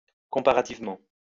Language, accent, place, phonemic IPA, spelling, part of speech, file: French, France, Lyon, /kɔ̃.pa.ʁa.tiv.mɑ̃/, comparativement, adverb, LL-Q150 (fra)-comparativement.wav
- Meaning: comparatively